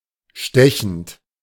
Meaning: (verb) present participle of stechen; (adjective) 1. piercing, biting, penetrating 2. pungent 3. stabbing
- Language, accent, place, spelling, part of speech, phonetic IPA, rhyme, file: German, Germany, Berlin, stechend, verb, [ˈʃtɛçn̩t], -ɛçn̩t, De-stechend.ogg